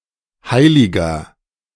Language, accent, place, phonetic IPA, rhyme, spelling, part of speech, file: German, Germany, Berlin, [ˈhaɪ̯lɪɡɐ], -aɪ̯lɪɡɐ, heiliger, adjective, De-heiliger.ogg
- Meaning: 1. comparative degree of heilig 2. inflection of heilig: strong/mixed nominative masculine singular 3. inflection of heilig: strong genitive/dative feminine singular